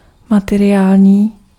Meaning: material (worldly, as opposed to spiritual)
- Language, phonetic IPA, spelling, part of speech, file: Czech, [ˈmatɛrɪjaːlɲiː], materiální, adjective, Cs-materiální.ogg